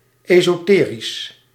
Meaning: esoteric
- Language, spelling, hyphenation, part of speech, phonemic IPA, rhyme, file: Dutch, esoterisch, eso‧te‧risch, adjective, /ˌeː.soːˈteː.ris/, -eːris, Nl-esoterisch.ogg